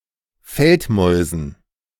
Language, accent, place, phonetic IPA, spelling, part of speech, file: German, Germany, Berlin, [ˈfɛltmɔɪ̯zn̩], Feldmäusen, noun, De-Feldmäusen.ogg
- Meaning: dative plural of Feldmaus